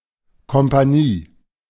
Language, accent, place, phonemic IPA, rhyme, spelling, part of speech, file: German, Germany, Berlin, /kɔmpaˈniː/, -iː, Kompanie, noun, De-Kompanie.ogg
- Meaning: company